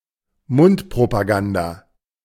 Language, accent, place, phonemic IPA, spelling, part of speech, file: German, Germany, Berlin, /ˈmʊntpʁopaˌɡanda/, Mundpropaganda, noun, De-Mundpropaganda.ogg
- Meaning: word of mouth